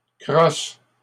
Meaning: plural of crosse
- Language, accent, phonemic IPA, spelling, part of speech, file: French, Canada, /kʁɔs/, crosses, noun, LL-Q150 (fra)-crosses.wav